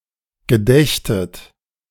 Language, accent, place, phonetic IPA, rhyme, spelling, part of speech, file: German, Germany, Berlin, [ɡəˈdɛçtət], -ɛçtət, gedächtet, verb, De-gedächtet.ogg
- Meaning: second-person plural subjunctive II of gedenken